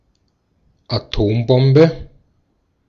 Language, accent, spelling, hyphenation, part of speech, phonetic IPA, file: German, Austria, Atombombe, Atom‧bom‧be, noun, [aˈtoːmˌbɔmbə], De-at-Atombombe.ogg
- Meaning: atomic bomb, nuclear bomb